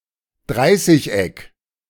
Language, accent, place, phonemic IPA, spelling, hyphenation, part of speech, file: German, Germany, Berlin, /ˈdʁaɪ̯sɪç.ɛk/, Dreißigeck, Drei‧ßig‧eck, noun, De-Dreißigeck.ogg
- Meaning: triacontagon